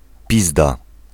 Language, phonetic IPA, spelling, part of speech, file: Polish, [ˈpʲizda], pizda, noun, Pl-pizda.ogg